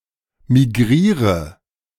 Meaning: inflection of migrieren: 1. first-person singular present 2. singular imperative 3. first/third-person singular subjunctive I
- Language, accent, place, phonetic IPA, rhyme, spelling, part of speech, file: German, Germany, Berlin, [miˈɡʁiːʁə], -iːʁə, migriere, verb, De-migriere.ogg